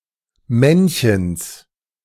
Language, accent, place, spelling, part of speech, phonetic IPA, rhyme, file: German, Germany, Berlin, Männchens, noun, [ˈmɛnçəns], -ɛnçəns, De-Männchens.ogg
- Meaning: genitive singular of Männchen